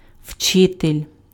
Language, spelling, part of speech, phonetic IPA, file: Ukrainian, вчитель, noun, [ˈʍt͡ʃɪtelʲ], Uk-вчитель.ogg
- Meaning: alternative form of учи́тель (učýtelʹ): teacher, instructor